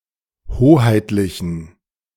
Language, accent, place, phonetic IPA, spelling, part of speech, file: German, Germany, Berlin, [ˈhoːhaɪ̯tlɪçn̩], hoheitlichen, adjective, De-hoheitlichen.ogg
- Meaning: inflection of hoheitlich: 1. strong genitive masculine/neuter singular 2. weak/mixed genitive/dative all-gender singular 3. strong/weak/mixed accusative masculine singular 4. strong dative plural